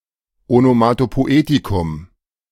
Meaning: onomatopoeia
- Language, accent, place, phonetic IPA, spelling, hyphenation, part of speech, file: German, Germany, Berlin, [ˌonomatopoˈeːtikʊm], Onomatopoetikum, Ono‧ma‧to‧po‧e‧ti‧kum, noun, De-Onomatopoetikum.ogg